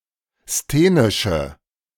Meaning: inflection of sthenisch: 1. strong/mixed nominative/accusative feminine singular 2. strong nominative/accusative plural 3. weak nominative all-gender singular
- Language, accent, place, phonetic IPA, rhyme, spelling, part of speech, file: German, Germany, Berlin, [steːnɪʃə], -eːnɪʃə, sthenische, adjective, De-sthenische.ogg